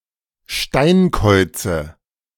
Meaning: nominative/accusative/genitive plural of Steinkauz
- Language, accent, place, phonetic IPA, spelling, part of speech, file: German, Germany, Berlin, [ˈʃtaɪ̯nˌkɔɪ̯t͡sə], Steinkäuze, noun, De-Steinkäuze.ogg